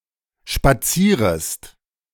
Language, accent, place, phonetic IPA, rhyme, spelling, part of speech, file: German, Germany, Berlin, [ʃpaˈt͡siːʁəst], -iːʁəst, spazierest, verb, De-spazierest.ogg
- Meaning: second-person singular subjunctive I of spazieren